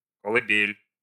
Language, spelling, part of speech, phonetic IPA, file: Russian, колыбель, noun, [kəɫɨˈbʲelʲ], Ru-колыбель.ogg
- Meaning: cradle